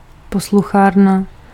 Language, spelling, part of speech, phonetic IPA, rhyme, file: Czech, posluchárna, noun, [ˈposluxaːrna], -aːrna, Cs-posluchárna.ogg
- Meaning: lecture hall (a room in a university with many seats and a pitched floor, used to hold lectures)